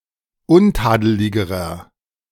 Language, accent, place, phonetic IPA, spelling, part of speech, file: German, Germany, Berlin, [ˈʊnˌtaːdəlɪɡəʁɐ], untadeligerer, adjective, De-untadeligerer.ogg
- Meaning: inflection of untadelig: 1. strong/mixed nominative masculine singular comparative degree 2. strong genitive/dative feminine singular comparative degree 3. strong genitive plural comparative degree